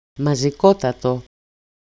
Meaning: accusative masculine singular of μαζικότατος (mazikótatos), the absolute superlative degree of μαζικός (mazikós)
- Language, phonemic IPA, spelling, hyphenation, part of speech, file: Greek, /ma.zi.ˈko.ta.to/, μαζικότατο, μα‧ζι‧κό‧τα‧το, adjective, EL-μαζικότατο.ogg